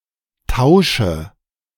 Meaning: inflection of tauschen: 1. first-person singular present 2. first/third-person singular subjunctive I 3. singular imperative
- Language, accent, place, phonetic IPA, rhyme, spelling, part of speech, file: German, Germany, Berlin, [ˈtaʊ̯ʃə], -aʊ̯ʃə, tausche, verb, De-tausche.ogg